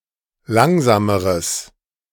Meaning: strong/mixed nominative/accusative neuter singular comparative degree of langsam
- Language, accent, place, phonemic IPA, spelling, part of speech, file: German, Germany, Berlin, /ˈlaŋzaːməʁəs/, langsameres, adjective, De-langsameres.ogg